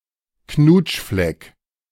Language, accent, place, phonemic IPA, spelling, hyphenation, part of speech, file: German, Germany, Berlin, /ˈknuːtʃflɛk/, Knutschfleck, Knutsch‧fleck, noun, De-Knutschfleck.ogg
- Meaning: hickey, love bite